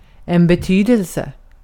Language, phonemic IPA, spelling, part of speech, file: Swedish, /bɛ¹tyːdɛlsɛ/, betydelse, noun, Sv-betydelse.ogg
- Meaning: 1. meaning, sense 2. importance, consequence, significance